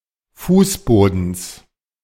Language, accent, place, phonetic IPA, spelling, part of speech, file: German, Germany, Berlin, [ˈfuːsˌboːdn̩s], Fußbodens, noun, De-Fußbodens.ogg
- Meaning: genitive singular of Fußboden